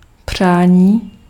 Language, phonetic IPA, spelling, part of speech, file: Czech, [ˈpr̝̊aːɲiː], přání, noun, Cs-přání.ogg
- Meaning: 1. verbal noun of přát 2. wish